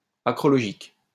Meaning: acrologic
- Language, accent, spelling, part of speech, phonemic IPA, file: French, France, acrologique, adjective, /a.kʁɔ.lɔ.ʒik/, LL-Q150 (fra)-acrologique.wav